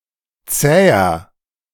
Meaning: 1. comparative degree of zäh 2. inflection of zäh: strong/mixed nominative masculine singular 3. inflection of zäh: strong genitive/dative feminine singular
- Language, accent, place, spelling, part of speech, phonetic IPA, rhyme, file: German, Germany, Berlin, zäher, adjective, [ˈt͡sɛːɐ], -ɛːɐ, De-zäher.ogg